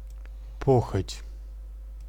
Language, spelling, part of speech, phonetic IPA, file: Russian, похоть, noun, [ˈpoxətʲ], Ru-похоть.ogg
- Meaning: lust